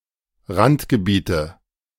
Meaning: 1. nominative/accusative/genitive plural of Randgebiet 2. dative of Randgebiet
- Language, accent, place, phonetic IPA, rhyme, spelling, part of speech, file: German, Germany, Berlin, [ˈʁantɡəˌbiːtə], -antɡəbiːtə, Randgebiete, noun, De-Randgebiete.ogg